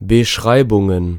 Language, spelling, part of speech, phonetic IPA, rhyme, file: German, Beschreibungen, noun, [bəˈʃʁaɪ̯bʊŋən], -aɪ̯bʊŋən, De-Beschreibungen.ogg
- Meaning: plural of Beschreibung